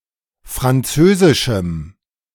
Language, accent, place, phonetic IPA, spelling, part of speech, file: German, Germany, Berlin, [fʁanˈt͡søːzɪʃm̩], französischem, adjective, De-französischem.ogg
- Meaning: strong dative masculine/neuter singular of französisch